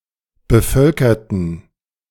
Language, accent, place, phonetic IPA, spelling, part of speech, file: German, Germany, Berlin, [bəˈfœlkɐtn̩], bevölkerten, adjective / verb, De-bevölkerten.ogg
- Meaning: inflection of bevölkern: 1. first/third-person plural preterite 2. first/third-person plural subjunctive II